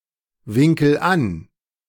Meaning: inflection of anwinkeln: 1. first-person singular present 2. singular imperative
- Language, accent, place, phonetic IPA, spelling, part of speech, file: German, Germany, Berlin, [ˌvɪŋkl̩ ˈan], winkel an, verb, De-winkel an.ogg